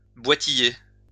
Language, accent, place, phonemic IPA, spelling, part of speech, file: French, France, Lyon, /bwa.ti.je/, boitiller, verb, LL-Q150 (fra)-boitiller.wav
- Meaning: to hobble; to limp slightly